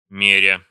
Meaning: present adverbial imperfective participle of ме́рить (méritʹ)
- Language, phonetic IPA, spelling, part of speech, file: Russian, [ˈmʲerʲə], меря, verb, Ru-меря.ogg